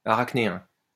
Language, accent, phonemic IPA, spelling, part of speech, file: French, France, /a.ʁak.ne.ɛ̃/, arachnéen, adjective, LL-Q150 (fra)-arachnéen.wav
- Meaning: 1. spider; arachnidan 2. gossamer